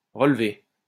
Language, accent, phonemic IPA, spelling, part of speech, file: French, France, /ʁə.l(ə).ve/, relevé, verb / adjective / noun, LL-Q150 (fra)-relevé.wav
- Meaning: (verb) past participle of relever; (adjective) 1. turned up (of collar); rolled up (of sleeves) 2. held up, high; elevated 3. elevated, lofty, sophisticated 4. strongly seasoned, spicy